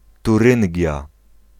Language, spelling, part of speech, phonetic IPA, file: Polish, Turyngia, proper noun, [tuˈrɨ̃ŋʲɟja], Pl-Turyngia.ogg